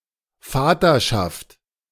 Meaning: fatherhood, paternity (state of being the father)
- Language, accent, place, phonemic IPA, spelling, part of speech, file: German, Germany, Berlin, /ˈfaːtɐʃaft/, Vaterschaft, noun, De-Vaterschaft.ogg